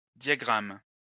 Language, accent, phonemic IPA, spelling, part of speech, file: French, France, /dja.ɡʁam/, diagramme, noun, LL-Q150 (fra)-diagramme.wav
- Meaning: diagram